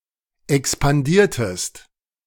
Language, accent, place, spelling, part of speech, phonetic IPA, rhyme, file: German, Germany, Berlin, expandiertest, verb, [ɛkspanˈdiːɐ̯təst], -iːɐ̯təst, De-expandiertest.ogg
- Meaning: inflection of expandieren: 1. second-person singular preterite 2. second-person singular subjunctive II